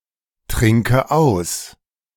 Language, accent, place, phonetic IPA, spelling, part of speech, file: German, Germany, Berlin, [ˌtʁɪŋkə ˈaʊ̯s], trinke aus, verb, De-trinke aus.ogg
- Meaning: inflection of austrinken: 1. first-person singular present 2. first/third-person singular subjunctive I 3. singular imperative